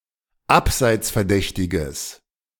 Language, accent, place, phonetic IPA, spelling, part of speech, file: German, Germany, Berlin, [ˈapzaɪ̯t͡sfɛɐ̯ˌdɛçtɪɡəs], abseitsverdächtiges, adjective, De-abseitsverdächtiges.ogg
- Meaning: strong/mixed nominative/accusative neuter singular of abseitsverdächtig